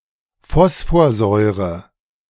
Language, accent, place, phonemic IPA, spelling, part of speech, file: German, Germany, Berlin, /ˈfɔsfoɐˌzɔʏʁə/, Phosphorsäure, noun, De-Phosphorsäure.ogg
- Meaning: phosphoric acid (the colourless liquid; H₃PO₄)